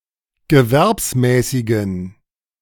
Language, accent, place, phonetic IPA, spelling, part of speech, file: German, Germany, Berlin, [ɡəˈvɛʁpsˌmɛːsɪɡn̩], gewerbsmäßigen, adjective, De-gewerbsmäßigen.ogg
- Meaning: inflection of gewerbsmäßig: 1. strong genitive masculine/neuter singular 2. weak/mixed genitive/dative all-gender singular 3. strong/weak/mixed accusative masculine singular 4. strong dative plural